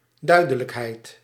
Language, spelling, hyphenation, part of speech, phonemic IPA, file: Dutch, duidelijkheid, dui‧de‧lijk‧heid, noun, /ˈdœy̯.də.ləkˌɦɛi̯t/, Nl-duidelijkheid.ogg
- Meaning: clarity, clearness